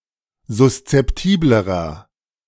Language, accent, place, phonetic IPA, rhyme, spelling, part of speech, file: German, Germany, Berlin, [zʊst͡sɛpˈtiːbləʁɐ], -iːbləʁɐ, suszeptiblerer, adjective, De-suszeptiblerer.ogg
- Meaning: inflection of suszeptibel: 1. strong/mixed nominative masculine singular comparative degree 2. strong genitive/dative feminine singular comparative degree 3. strong genitive plural comparative degree